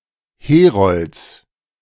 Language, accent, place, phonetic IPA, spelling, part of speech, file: German, Germany, Berlin, [ˈheːʁɔlt͡s], Herolds, noun, De-Herolds.ogg
- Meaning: genitive of Herold